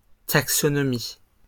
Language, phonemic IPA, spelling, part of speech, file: French, /tak.sɔ.nɔ.mi/, taxonomie, noun, LL-Q150 (fra)-taxonomie.wav
- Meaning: alternative form of taxinomie